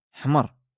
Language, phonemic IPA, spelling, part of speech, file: Moroccan Arabic, /ħmar/, حمر, adjective, LL-Q56426 (ary)-حمر.wav
- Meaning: red